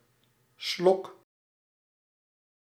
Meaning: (noun) draught, sip, gulp; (verb) inflection of slokken: 1. first-person singular present indicative 2. second-person singular present indicative 3. imperative
- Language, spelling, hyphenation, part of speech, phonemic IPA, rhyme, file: Dutch, slok, slok, noun / verb, /slɔk/, -ɔk, Nl-slok.ogg